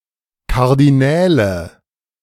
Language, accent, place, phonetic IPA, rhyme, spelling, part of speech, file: German, Germany, Berlin, [ˌkaʁdiˈnɛːlə], -ɛːlə, Kardinäle, noun, De-Kardinäle.ogg
- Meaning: nominative/accusative/genitive plural of Kardinal